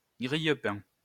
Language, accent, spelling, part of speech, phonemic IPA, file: French, France, grille-pain, noun, /ɡʁij.pɛ̃/, LL-Q150 (fra)-grille-pain.wav
- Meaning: toaster